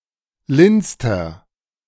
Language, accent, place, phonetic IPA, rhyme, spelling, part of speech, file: German, Germany, Berlin, [ˈlɪnt͡stɐ], -ɪnt͡stɐ, lindster, adjective, De-lindster.ogg
- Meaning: inflection of lind: 1. strong/mixed nominative masculine singular superlative degree 2. strong genitive/dative feminine singular superlative degree 3. strong genitive plural superlative degree